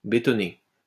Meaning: to concrete (cover with concrete)
- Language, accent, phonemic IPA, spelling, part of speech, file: French, France, /be.tɔ.ne/, bétonner, verb, LL-Q150 (fra)-bétonner.wav